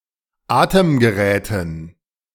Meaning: dative plural of Atemgerät
- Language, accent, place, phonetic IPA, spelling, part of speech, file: German, Germany, Berlin, [ˈaːtəmɡəˌʁɛːtn̩], Atemgeräten, noun, De-Atemgeräten.ogg